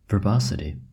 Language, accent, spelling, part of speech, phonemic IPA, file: English, US, verbosity, noun, /vɚˈbɑsəti/, En-us-verbosity.ogg
- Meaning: The excess use of words, especially using more than are needed for clarity or precision